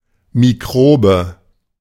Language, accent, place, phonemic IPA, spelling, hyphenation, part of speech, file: German, Germany, Berlin, /miˈkʁoːbə/, Mikrobe, Mi‧k‧ro‧be, noun, De-Mikrobe.ogg
- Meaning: microbe